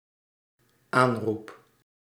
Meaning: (noun) invocation, calling; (verb) first-person singular dependent-clause present indicative of aanroepen
- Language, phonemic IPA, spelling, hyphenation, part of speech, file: Dutch, /ˈaːn.rup/, aanroep, aan‧roep, noun / verb, Nl-aanroep.ogg